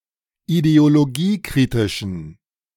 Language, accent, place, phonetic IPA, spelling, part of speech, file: German, Germany, Berlin, [ideoloˈɡiːˌkʁɪtɪʃn̩], ideologiekritischen, adjective, De-ideologiekritischen.ogg
- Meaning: inflection of ideologiekritisch: 1. strong genitive masculine/neuter singular 2. weak/mixed genitive/dative all-gender singular 3. strong/weak/mixed accusative masculine singular